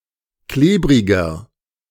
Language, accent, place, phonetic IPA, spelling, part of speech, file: German, Germany, Berlin, [ˈkleːbʁɪɡɐ], klebriger, adjective, De-klebriger.ogg
- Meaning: 1. comparative degree of klebrig 2. inflection of klebrig: strong/mixed nominative masculine singular 3. inflection of klebrig: strong genitive/dative feminine singular